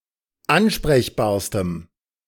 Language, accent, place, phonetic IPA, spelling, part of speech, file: German, Germany, Berlin, [ˈanʃpʁɛçbaːɐ̯stəm], ansprechbarstem, adjective, De-ansprechbarstem.ogg
- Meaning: strong dative masculine/neuter singular superlative degree of ansprechbar